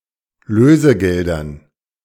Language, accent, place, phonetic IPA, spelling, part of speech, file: German, Germany, Berlin, [ˈløːzəˌɡɛldɐn], Lösegeldern, noun, De-Lösegeldern.ogg
- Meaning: dative plural of Lösegeld